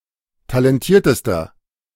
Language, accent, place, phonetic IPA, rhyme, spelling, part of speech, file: German, Germany, Berlin, [talɛnˈtiːɐ̯təstɐ], -iːɐ̯təstɐ, talentiertester, adjective, De-talentiertester.ogg
- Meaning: inflection of talentiert: 1. strong/mixed nominative masculine singular superlative degree 2. strong genitive/dative feminine singular superlative degree 3. strong genitive plural superlative degree